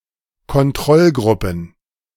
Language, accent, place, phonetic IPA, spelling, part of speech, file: German, Germany, Berlin, [kɔnˈtʁɔlˌɡʁʊpn̩], Kontrollgruppen, noun, De-Kontrollgruppen.ogg
- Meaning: plural of Kontrollgruppe